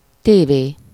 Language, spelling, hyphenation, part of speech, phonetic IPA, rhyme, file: Hungarian, tévé, té‧vé, noun, [ˈteːveː], -veː, Hu-tévé.ogg
- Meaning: telly, TV